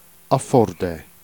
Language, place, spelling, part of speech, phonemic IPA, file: Jèrriais, Jersey, affaûrder, verb, /afɔrˈdɛ/, Jer-affaûrder.ogg
- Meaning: to afford